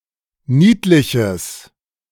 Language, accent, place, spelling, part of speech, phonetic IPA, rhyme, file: German, Germany, Berlin, niedliches, adjective, [ˈniːtlɪçəs], -iːtlɪçəs, De-niedliches.ogg
- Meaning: strong/mixed nominative/accusative neuter singular of niedlich